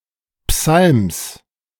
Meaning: genitive singular of Psalm
- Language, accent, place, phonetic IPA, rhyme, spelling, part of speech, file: German, Germany, Berlin, [psalms], -alms, Psalms, noun, De-Psalms.ogg